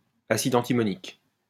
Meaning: antimonic acid
- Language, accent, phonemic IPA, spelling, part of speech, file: French, France, /a.sid ɑ̃.ti.mɔ.nik/, acide antimonique, noun, LL-Q150 (fra)-acide antimonique.wav